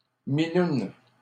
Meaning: an old car, a bucket
- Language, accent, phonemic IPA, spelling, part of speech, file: French, Canada, /mi.nun/, minoune, noun, LL-Q150 (fra)-minoune.wav